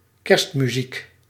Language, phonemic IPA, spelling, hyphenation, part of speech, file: Dutch, /ˈkɛrst.myˌzik/, kerstmuziek, kerst‧mu‧ziek, noun, Nl-kerstmuziek.ogg
- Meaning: Christmas music